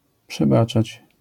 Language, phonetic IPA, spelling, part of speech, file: Polish, [pʃɛˈbat͡ʃat͡ɕ], przebaczać, verb, LL-Q809 (pol)-przebaczać.wav